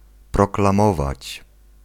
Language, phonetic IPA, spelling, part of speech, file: Polish, [ˌprɔklãˈmɔvat͡ɕ], proklamować, verb, Pl-proklamować.ogg